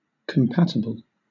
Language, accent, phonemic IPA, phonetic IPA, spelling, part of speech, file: English, Southern England, /kəmˈpæt.ə.bəl/, [km̩ˈpæt.ə.bl̩], compatible, adjective / noun, LL-Q1860 (eng)-compatible.wav
- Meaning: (adjective) 1. Capable of working together without conflict 2. Able to get along well 3. Consistent; congruous; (noun) Something that is compatible with something else